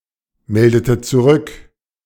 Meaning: inflection of zurückmelden: 1. second-person plural preterite 2. second-person plural subjunctive II
- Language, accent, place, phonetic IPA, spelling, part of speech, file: German, Germany, Berlin, [ˌmɛldətət t͡suˈʁʏk], meldetet zurück, verb, De-meldetet zurück.ogg